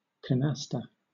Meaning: 1. A card game similar to rummy and played using two packs, where the object is to meld groups of the same rank 2. A meld of seven cards in a game of canasta
- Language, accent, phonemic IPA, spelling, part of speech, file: English, Southern England, /kəˈnæstə/, canasta, noun, LL-Q1860 (eng)-canasta.wav